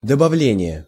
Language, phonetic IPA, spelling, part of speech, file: Russian, [dəbɐˈvlʲenʲɪje], добавление, noun, Ru-добавление.ogg
- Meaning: addition, addendum, add-on, supplement